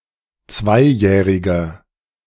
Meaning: inflection of zweijährig: 1. strong/mixed nominative masculine singular 2. strong genitive/dative feminine singular 3. strong genitive plural
- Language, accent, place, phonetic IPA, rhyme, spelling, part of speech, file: German, Germany, Berlin, [ˈt͡svaɪ̯ˌjɛːʁɪɡɐ], -aɪ̯jɛːʁɪɡɐ, zweijähriger, adjective, De-zweijähriger.ogg